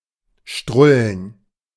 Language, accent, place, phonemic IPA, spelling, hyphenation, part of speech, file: German, Germany, Berlin, /ˈʃtʁʊlən/, strullen, strul‧len, verb, De-strullen.ogg
- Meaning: to urinate, especially to urinate profusely